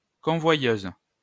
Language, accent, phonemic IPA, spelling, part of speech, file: French, France, /kɔ̃.vwa.jøz/, convoyeuse, noun, LL-Q150 (fra)-convoyeuse.wav
- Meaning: female equivalent of convoyeur